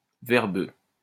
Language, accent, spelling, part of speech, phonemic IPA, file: French, France, verbeux, adjective, /vɛʁ.bø/, LL-Q150 (fra)-verbeux.wav
- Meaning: wordy, verbose